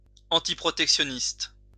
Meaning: free trade; antiprotectionist
- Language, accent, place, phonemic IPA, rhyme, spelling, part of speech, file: French, France, Lyon, /ɑ̃.ti.pʁɔ.tɛk.sjɔ.nist/, -ist, antiprotectionniste, adjective, LL-Q150 (fra)-antiprotectionniste.wav